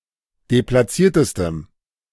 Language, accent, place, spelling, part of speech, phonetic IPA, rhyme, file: German, Germany, Berlin, deplatziertestem, adjective, [deplaˈt͡siːɐ̯təstəm], -iːɐ̯təstəm, De-deplatziertestem.ogg
- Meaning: strong dative masculine/neuter singular superlative degree of deplatziert